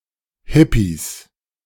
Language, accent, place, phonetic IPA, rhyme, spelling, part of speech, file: German, Germany, Berlin, [ˈhɪpis], -ɪpis, Hippies, noun, De-Hippies.ogg
- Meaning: 1. genitive singular of Hippie 2. plural of Hippie